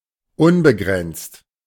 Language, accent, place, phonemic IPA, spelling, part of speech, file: German, Germany, Berlin, /ˈʊnbəˌɡʁɛnt͡st/, unbegrenzt, adjective, De-unbegrenzt.ogg
- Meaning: 1. unlimited; indefinite 2. limitless, unbounded